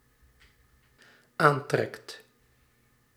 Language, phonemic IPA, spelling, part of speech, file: Dutch, /ˈantrɛkt/, aantrekt, verb, Nl-aantrekt.ogg
- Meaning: second/third-person singular dependent-clause present indicative of aantrekken